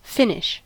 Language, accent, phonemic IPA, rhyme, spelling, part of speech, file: English, US, /ˈfɪnɪʃ/, -ɪnɪʃ, finish, noun / verb, En-us-finish.ogg
- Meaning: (noun) 1. An end; the end of anything 2. A protective coating given to wood or metal and other surfaces 3. The result of any process changing the physical or chemical properties of cloth